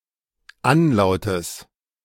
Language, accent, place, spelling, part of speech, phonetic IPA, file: German, Germany, Berlin, Anlautes, noun, [ˈanˌlaʊ̯təs], De-Anlautes.ogg
- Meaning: genitive singular of Anlaut